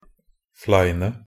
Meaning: 1. definite singular of flein 2. plural of flein
- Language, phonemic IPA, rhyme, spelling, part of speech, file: Norwegian Bokmål, /ˈflæɪnə/, -æɪnə, fleine, adjective, Nb-fleine.ogg